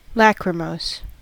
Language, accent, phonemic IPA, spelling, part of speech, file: English, US, /ˈlækrəˌmoʊs/, lachrymose, adjective, En-us-lachrymose.ogg
- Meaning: Tearful, sorrowful, sad, pertaining to tears, weeping, causing tears or crying